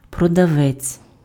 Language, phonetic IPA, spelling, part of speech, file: Ukrainian, [prɔdɐˈʋɛt͡sʲ], продавець, noun, Uk-продавець.ogg
- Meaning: 1. seller, salesman, vendor 2. shop assistant, salesclerk (shop employee)